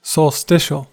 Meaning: 1. Pertaining to a solstice 2. Occurring on a solstice
- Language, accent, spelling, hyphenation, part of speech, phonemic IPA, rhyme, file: English, US, solstitial, sol‧sti‧tial, adjective, /sɒlˈstɪʃ.əl/, -ɪʃəl, En-us-solstitial.ogg